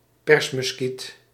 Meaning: newshawk
- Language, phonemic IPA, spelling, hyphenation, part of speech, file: Dutch, /ˈpɛrs.mʏsˌkit/, persmuskiet, pers‧mus‧kiet, noun, Nl-persmuskiet.ogg